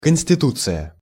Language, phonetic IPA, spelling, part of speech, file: Russian, [kən⁽ʲ⁾sʲtʲɪˈtut͡sɨjə], конституция, noun, Ru-конституция.ogg
- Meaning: 1. constitution 2. constitution, physique